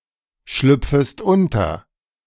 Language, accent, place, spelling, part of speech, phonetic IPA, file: German, Germany, Berlin, schlüpfest unter, verb, [ˌʃlʏp͡fəst ˈʊntɐ], De-schlüpfest unter.ogg
- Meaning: second-person singular subjunctive I of unterschlüpfen